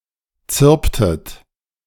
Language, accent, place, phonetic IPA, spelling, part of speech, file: German, Germany, Berlin, [ˈt͡sɪʁptət], zirptet, verb, De-zirptet.ogg
- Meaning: inflection of zirpen: 1. second-person plural preterite 2. second-person plural subjunctive II